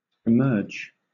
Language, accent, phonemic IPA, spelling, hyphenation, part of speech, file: English, Southern England, /ɪˈmɜːd͡ʒ/, emerge, emerge, verb / noun, LL-Q1860 (eng)-emerge.wav
- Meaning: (verb) 1. To come into view 2. To come out of a situation, object, or a liquid 3. To become known; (noun) Alternative spelling of emerg